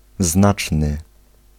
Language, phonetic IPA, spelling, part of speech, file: Polish, [ˈznat͡ʃnɨ], znaczny, adjective, Pl-znaczny.ogg